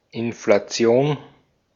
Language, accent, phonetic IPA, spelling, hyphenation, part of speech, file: German, Austria, [ɪnflaˈt͡si̯oːn], Inflation, In‧fla‧ti‧on, noun, De-at-Inflation.ogg
- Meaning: inflation